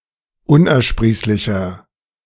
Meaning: 1. comparative degree of unersprießlich 2. inflection of unersprießlich: strong/mixed nominative masculine singular 3. inflection of unersprießlich: strong genitive/dative feminine singular
- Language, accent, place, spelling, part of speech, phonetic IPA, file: German, Germany, Berlin, unersprießlicher, adjective, [ˈʊnʔɛɐ̯ˌʃpʁiːslɪçɐ], De-unersprießlicher.ogg